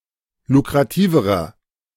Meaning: inflection of lukrativ: 1. strong/mixed nominative masculine singular comparative degree 2. strong genitive/dative feminine singular comparative degree 3. strong genitive plural comparative degree
- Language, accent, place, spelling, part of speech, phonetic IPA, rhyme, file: German, Germany, Berlin, lukrativerer, adjective, [lukʁaˈtiːvəʁɐ], -iːvəʁɐ, De-lukrativerer.ogg